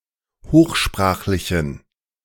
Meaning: inflection of hochsprachlich: 1. strong genitive masculine/neuter singular 2. weak/mixed genitive/dative all-gender singular 3. strong/weak/mixed accusative masculine singular 4. strong dative plural
- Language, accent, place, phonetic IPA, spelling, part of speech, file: German, Germany, Berlin, [ˈhoːxˌʃpʁaːxlɪçn̩], hochsprachlichen, adjective, De-hochsprachlichen.ogg